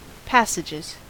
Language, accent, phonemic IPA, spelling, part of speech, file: English, US, /ˈpæsɪd͡ʒɪz/, passages, noun / verb, En-us-passages.ogg
- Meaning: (noun) plural of passage; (verb) third-person singular simple present indicative of passage